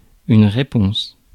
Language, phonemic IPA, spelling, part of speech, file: French, /ʁe.pɔ̃s/, réponse, noun, Fr-réponse.ogg
- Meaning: 1. response, answer, reply (a communication) 2. response, reaction (biological or organic process effected by an foreign agent) 3. retort, comeback